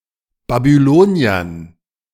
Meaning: dative plural of Babylonier
- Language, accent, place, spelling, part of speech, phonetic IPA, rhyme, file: German, Germany, Berlin, Babyloniern, noun, [babyˈloːni̯ɐn], -oːni̯ɐn, De-Babyloniern.ogg